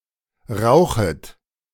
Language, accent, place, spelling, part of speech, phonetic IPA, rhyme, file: German, Germany, Berlin, rauchet, verb, [ˈʁaʊ̯xət], -aʊ̯xət, De-rauchet.ogg
- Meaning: second-person plural subjunctive I of rauchen